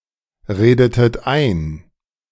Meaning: inflection of einreden: 1. second-person plural preterite 2. second-person plural subjunctive II
- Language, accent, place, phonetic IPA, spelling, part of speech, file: German, Germany, Berlin, [ˌʁeːdətət ˈaɪ̯n], redetet ein, verb, De-redetet ein.ogg